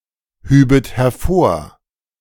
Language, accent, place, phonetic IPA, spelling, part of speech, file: German, Germany, Berlin, [ˌhyːbət hɛɐ̯ˈfoːɐ̯], hübet hervor, verb, De-hübet hervor.ogg
- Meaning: second-person plural subjunctive II of hervorheben